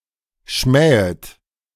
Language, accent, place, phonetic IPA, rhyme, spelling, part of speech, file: German, Germany, Berlin, [ˈʃmɛːət], -ɛːət, schmähet, verb, De-schmähet.ogg
- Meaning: second-person plural subjunctive I of schmähen